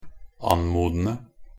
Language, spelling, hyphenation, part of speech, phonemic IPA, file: Norwegian Bokmål, anmodende, an‧mo‧den‧de, verb, /ˈan.muːdən(d)ə/, Nb-anmodende.ogg
- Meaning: present participle of anmode